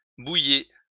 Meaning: inflection of bouillir: 1. second-person plural present indicative 2. second-person plural imperative
- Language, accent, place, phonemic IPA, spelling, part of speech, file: French, France, Lyon, /bu.je/, bouillez, verb, LL-Q150 (fra)-bouillez.wav